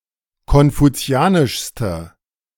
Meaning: inflection of konfuzianisch: 1. strong/mixed nominative/accusative feminine singular superlative degree 2. strong nominative/accusative plural superlative degree
- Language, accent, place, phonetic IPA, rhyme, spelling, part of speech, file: German, Germany, Berlin, [kɔnfuˈt͡si̯aːnɪʃstə], -aːnɪʃstə, konfuzianischste, adjective, De-konfuzianischste.ogg